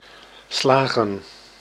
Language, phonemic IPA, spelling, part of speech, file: Dutch, /ˈslaːɣə(n)/, slagen, verb / noun, Nl-slagen.ogg
- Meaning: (verb) 1. to succeed (obtaining what was desired) 2. to pass a test or examination; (noun) plural of slag